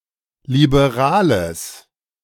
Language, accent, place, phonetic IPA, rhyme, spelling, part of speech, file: German, Germany, Berlin, [libeˈʁaːləs], -aːləs, liberales, adjective, De-liberales.ogg
- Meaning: strong/mixed nominative/accusative neuter singular of liberal